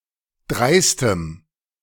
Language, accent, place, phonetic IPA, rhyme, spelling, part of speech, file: German, Germany, Berlin, [ˈdʁaɪ̯stəm], -aɪ̯stəm, dreistem, adjective, De-dreistem.ogg
- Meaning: strong dative masculine/neuter singular of dreist